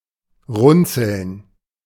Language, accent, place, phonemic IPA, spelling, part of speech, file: German, Germany, Berlin, /ˈʁʊnt͡səln/, runzeln, verb, De-runzeln.ogg
- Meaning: to crinkle, to wrinkle